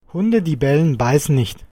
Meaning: barking dogs seldom bite
- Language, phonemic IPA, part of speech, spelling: German, /ˈhʊndə di ˈbɛlən ˈbaɪ̯sən nɪçt/, proverb, Hunde, die bellen, beißen nicht